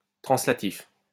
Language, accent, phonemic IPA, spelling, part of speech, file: French, France, /tʁɑ̃.sla.tif/, translatif, adjective / noun, LL-Q150 (fra)-translatif.wav
- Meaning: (adjective) translative; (noun) translative, translative case